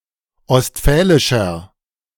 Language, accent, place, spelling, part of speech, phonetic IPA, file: German, Germany, Berlin, ostfälischer, adjective, [ɔstˈfɛːlɪʃɐ], De-ostfälischer.ogg
- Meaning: inflection of ostfälisch: 1. strong/mixed nominative masculine singular 2. strong genitive/dative feminine singular 3. strong genitive plural